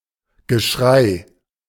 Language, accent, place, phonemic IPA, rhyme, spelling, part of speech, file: German, Germany, Berlin, /ɡəˈʃʁaɪ̯/, -aɪ̯, Geschrei, noun, De-Geschrei.ogg
- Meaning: yelling, hue, clamor